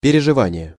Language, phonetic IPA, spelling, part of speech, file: Russian, [pʲɪrʲɪʐɨˈvanʲɪje], переживание, noun, Ru-переживание.ogg
- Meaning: 1. experience 2. feeling, emotional experience 3. worry, anxiety